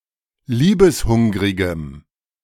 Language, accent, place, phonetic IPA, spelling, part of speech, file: German, Germany, Berlin, [ˈliːbəsˌhʊŋʁɪɡəm], liebeshungrigem, adjective, De-liebeshungrigem.ogg
- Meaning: strong dative masculine/neuter singular of liebeshungrig